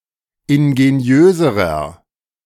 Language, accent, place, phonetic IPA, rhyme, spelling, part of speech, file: German, Germany, Berlin, [ɪnɡeˈni̯øːzəʁɐ], -øːzəʁɐ, ingeniöserer, adjective, De-ingeniöserer.ogg
- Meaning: inflection of ingeniös: 1. strong/mixed nominative masculine singular comparative degree 2. strong genitive/dative feminine singular comparative degree 3. strong genitive plural comparative degree